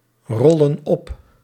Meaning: inflection of oprollen: 1. plural present indicative 2. plural present subjunctive
- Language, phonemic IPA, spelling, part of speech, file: Dutch, /ˈrɔlə(n) ˈɔp/, rollen op, verb, Nl-rollen op.ogg